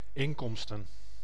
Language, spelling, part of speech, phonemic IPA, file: Dutch, inkomsten, noun, /ˈɪŋkɔmstə(n)/, Nl-inkomsten.ogg
- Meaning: plural of inkomst